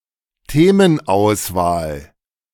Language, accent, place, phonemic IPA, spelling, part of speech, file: German, Germany, Berlin, /ˈteːmənˌaʊ̯svaːl/, Themenauswahl, noun, De-Themenauswahl.ogg
- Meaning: selection of topics